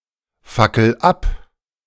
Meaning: inflection of abfackeln: 1. first-person singular present 2. singular imperative
- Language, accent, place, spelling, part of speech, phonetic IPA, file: German, Germany, Berlin, fackel ab, verb, [ˌfakl̩ ˈap], De-fackel ab.ogg